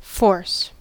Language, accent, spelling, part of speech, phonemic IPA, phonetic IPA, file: English, US, force, noun / verb, /foɹs/, [fo̞ɹs], En-us-force.ogg
- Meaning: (noun) Ability to influence; strength or energy of body or mind; active power; vigour; might; capacity of exercising an influence or producing an effect